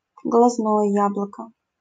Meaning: eyeball (ball of the eye)
- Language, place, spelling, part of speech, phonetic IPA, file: Russian, Saint Petersburg, глазное яблоко, noun, [ɡɫɐzˈnojə ˈjabɫəkə], LL-Q7737 (rus)-глазное яблоко.wav